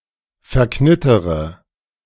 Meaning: inflection of verknittern: 1. first-person singular present 2. first-person plural subjunctive I 3. third-person singular subjunctive I 4. singular imperative
- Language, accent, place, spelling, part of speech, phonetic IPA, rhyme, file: German, Germany, Berlin, verknittere, verb, [fɛɐ̯ˈknɪtəʁə], -ɪtəʁə, De-verknittere.ogg